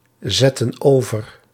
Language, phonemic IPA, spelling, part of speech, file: Dutch, /ˈzɛtə(n) ˈovər/, zetten over, verb, Nl-zetten over.ogg
- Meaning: inflection of overzetten: 1. plural present/past indicative 2. plural present/past subjunctive